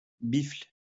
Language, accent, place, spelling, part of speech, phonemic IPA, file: French, France, Lyon, bifle, noun / verb, /bifl/, LL-Q150 (fra)-bifle.wav
- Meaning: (noun) alternative spelling of biffle; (verb) inflection of bifler: 1. first/third-person singular present indicative/subjunctive 2. second-person singular imperative